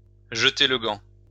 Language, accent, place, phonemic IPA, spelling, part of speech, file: French, France, Lyon, /ʒə.te l(ə) ɡɑ̃/, jeter le gant, verb, LL-Q150 (fra)-jeter le gant.wav
- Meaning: throw down the gauntlet